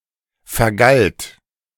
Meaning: first/third-person singular preterite of vergelten
- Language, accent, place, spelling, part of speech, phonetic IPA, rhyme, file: German, Germany, Berlin, vergalt, verb, [fɛɐ̯ˈɡalt], -alt, De-vergalt.ogg